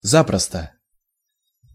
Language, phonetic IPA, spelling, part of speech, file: Russian, [ˈzaprəstə], запросто, adverb, Ru-запросто.ogg
- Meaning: 1. easily, just like that (without observance of generally accepted formalities; without ceremony, without hesitation) 2. easily (without effort, without work)